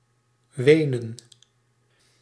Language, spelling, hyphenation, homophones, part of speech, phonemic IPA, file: Dutch, wenen, we‧nen, Wenen, verb, /ˈʋeːnə(n)/, Nl-wenen.ogg
- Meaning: to cry, weep, shed tears